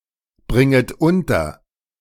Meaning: second-person plural subjunctive I of unterbringen
- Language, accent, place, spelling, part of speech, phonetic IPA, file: German, Germany, Berlin, bringet unter, verb, [ˌbʁɪŋət ˈʊntɐ], De-bringet unter.ogg